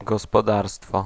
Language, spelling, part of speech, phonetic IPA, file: Polish, gospodarstwo, noun, [ˌɡɔspɔˈdarstfɔ], Pl-gospodarstwo.ogg